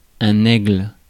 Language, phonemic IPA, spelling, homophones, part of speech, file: French, /ɛɡl/, aigle, aigles / haigre, noun, Fr-aigle.ogg
- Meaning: 1. eagle (any of a number of species of birds of prey) 2. a man of ingenuity and superior talent; a genius 3. a female eagle 4. a representation an eagle; the eagle as a heraldic symbol